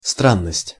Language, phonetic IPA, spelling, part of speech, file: Russian, [ˈstranːəsʲtʲ], странность, noun, Ru-странность.ogg
- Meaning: 1. strangeness 2. singularity, oddity, eccentricity, crank